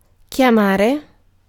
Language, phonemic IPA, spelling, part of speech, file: Italian, /kjaˈmare/, chiamare, verb, It-chiamare.ogg